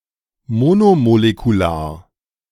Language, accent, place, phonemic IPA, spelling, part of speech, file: German, Germany, Berlin, /ˈmonomolekuˌlaːɐ̯/, monomolekular, adjective, De-monomolekular.ogg
- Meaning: monomolecular